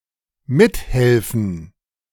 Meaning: to help, to assist
- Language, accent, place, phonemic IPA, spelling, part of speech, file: German, Germany, Berlin, /ˈmɪthɛlfən/, mithelfen, verb, De-mithelfen.ogg